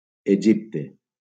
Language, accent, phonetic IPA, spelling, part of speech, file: Catalan, Valencia, [eˈd͡ʒip.te], Egipte, proper noun, LL-Q7026 (cat)-Egipte.wav
- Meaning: Egypt (a country in North Africa and West Asia)